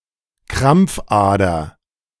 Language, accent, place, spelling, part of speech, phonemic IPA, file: German, Germany, Berlin, Krampfader, noun, /ˈkʁampfˌʔaːdɐ/, De-Krampfader.ogg
- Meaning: varicose vein (abnormally swollen or dilated vein)